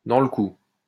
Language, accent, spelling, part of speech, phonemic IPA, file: French, France, dans le coup, adjective, /dɑ̃ l(ə) ku/, LL-Q150 (fra)-dans le coup.wav
- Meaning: in the loop; fashionable, hip, with it